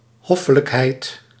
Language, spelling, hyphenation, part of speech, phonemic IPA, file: Dutch, hoffelijkheid, hof‧fe‧lijk‧heid, noun, /ˈɦɔ.fə.ləkˌɦɛi̯t/, Nl-hoffelijkheid.ogg
- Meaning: courtesy